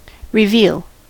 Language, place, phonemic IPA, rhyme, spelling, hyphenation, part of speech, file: English, California, /ɹɪˈvil/, -iːl, reveal, re‧veal, noun / verb, En-us-reveal.ogg
- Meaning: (noun) 1. The outer side of a window or door frame 2. A revelation; an uncovering of what was hidden in the scene or story; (verb) To uncover; to show and display that which was hidden or unknown